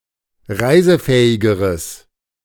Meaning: strong/mixed nominative/accusative neuter singular comparative degree of reisefähig
- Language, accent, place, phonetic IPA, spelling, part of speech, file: German, Germany, Berlin, [ˈʁaɪ̯zəˌfɛːɪɡəʁəs], reisefähigeres, adjective, De-reisefähigeres.ogg